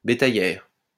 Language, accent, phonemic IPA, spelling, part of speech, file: French, France, /be.ta.jɛʁ/, bétaillère, noun, LL-Q150 (fra)-bétaillère.wav
- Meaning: 1. cattle truck 2. people carrier